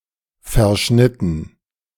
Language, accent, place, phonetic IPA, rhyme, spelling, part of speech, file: German, Germany, Berlin, [fɛɐ̯ˈʃnɪtn̩], -ɪtn̩, verschnitten, verb, De-verschnitten.ogg
- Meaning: past participle of verschneiden